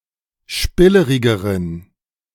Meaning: inflection of spillerig: 1. strong genitive masculine/neuter singular comparative degree 2. weak/mixed genitive/dative all-gender singular comparative degree
- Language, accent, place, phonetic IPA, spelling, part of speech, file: German, Germany, Berlin, [ˈʃpɪləʁɪɡəʁən], spillerigeren, adjective, De-spillerigeren.ogg